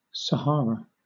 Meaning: A desert mostly in North Africa and the largest hot desert in the world
- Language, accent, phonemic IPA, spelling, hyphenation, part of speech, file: English, Southern England, /səˈhɑːɹə/, Sahara, Sa‧har‧a, proper noun, LL-Q1860 (eng)-Sahara.wav